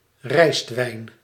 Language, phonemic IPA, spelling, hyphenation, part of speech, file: Dutch, /ˈrɛi̯st.ʋɛi̯n/, rijstwijn, rijst‧wijn, noun, Nl-rijstwijn.ogg
- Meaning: rice wine